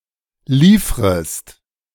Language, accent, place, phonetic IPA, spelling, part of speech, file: German, Germany, Berlin, [ˈliːfʁəst], liefrest, verb, De-liefrest.ogg
- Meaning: second-person singular subjunctive I of liefern